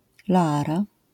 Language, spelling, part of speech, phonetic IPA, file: Polish, Loara, proper noun, [lɔˈara], LL-Q809 (pol)-Loara.wav